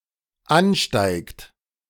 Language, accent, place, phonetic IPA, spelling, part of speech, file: German, Germany, Berlin, [ˈanˌʃtaɪ̯kt], ansteigt, verb, De-ansteigt.ogg
- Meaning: inflection of ansteigen: 1. third-person singular dependent present 2. second-person plural dependent present